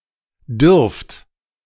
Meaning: second-person plural present of dürfen
- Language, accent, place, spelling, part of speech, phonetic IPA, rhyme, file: German, Germany, Berlin, dürft, verb, [dʏʁft], -ʏʁft, De-dürft.ogg